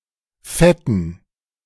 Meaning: dative plural of Fett
- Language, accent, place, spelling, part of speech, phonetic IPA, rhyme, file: German, Germany, Berlin, Fetten, noun, [ˈfɛtn̩], -ɛtn̩, De-Fetten.ogg